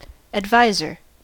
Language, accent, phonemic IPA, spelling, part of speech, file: English, US, /ædˈvaɪ.zɚ/, adviser, noun, En-us-adviser.ogg
- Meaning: 1. One who advises 2. Ellipsis of class adviser